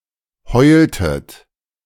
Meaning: inflection of heulen: 1. second-person plural preterite 2. second-person plural subjunctive II
- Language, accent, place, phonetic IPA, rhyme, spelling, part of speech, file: German, Germany, Berlin, [ˈhɔɪ̯ltət], -ɔɪ̯ltət, heultet, verb, De-heultet.ogg